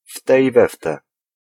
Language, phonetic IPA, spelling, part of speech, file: Polish, [ˈftɛ i‿ˈvɛftɛ], wte i wewte, adverbial phrase, Pl-wte i wewte.ogg